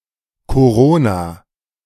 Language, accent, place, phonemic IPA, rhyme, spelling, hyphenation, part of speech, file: German, Germany, Berlin, /koˈʁoːna/, -oːna, Corona, Co‧ro‧na, noun / proper noun, De-Corona.ogg
- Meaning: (noun) Obsolete spelling of Korona which was deprecated in 1902 following the Second Orthographic Conference of 1901; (proper noun) covid (coronavirus disease, especially COVID-19)